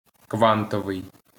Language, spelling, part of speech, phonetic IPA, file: Ukrainian, квантовий, adjective, [ˈkʋantɔʋei̯], LL-Q8798 (ukr)-квантовий.wav
- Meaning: quantum